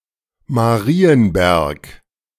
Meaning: 1. a town in Erzgebirgskreis district, Saxony, Germany 2. Any of various smaller places in Germany and other European countries
- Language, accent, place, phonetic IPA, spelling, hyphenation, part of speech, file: German, Germany, Berlin, [maˈʁiːənˌbɛʁk], Marienberg, Ma‧ri‧en‧berg, proper noun, De-Marienberg.ogg